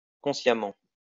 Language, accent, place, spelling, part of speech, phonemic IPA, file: French, France, Lyon, consciemment, adverb, /kɔ̃.sja.mɑ̃/, LL-Q150 (fra)-consciemment.wav
- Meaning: consciously